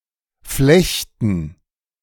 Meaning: to plait; to braid; to weave
- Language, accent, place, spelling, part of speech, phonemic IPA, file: German, Germany, Berlin, flechten, verb, /ˈflɛçtən/, De-flechten.ogg